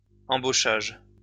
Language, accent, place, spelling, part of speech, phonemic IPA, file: French, France, Lyon, embauchage, noun, /ɑ̃.bo.ʃaʒ/, LL-Q150 (fra)-embauchage.wav
- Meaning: hiring (of employees)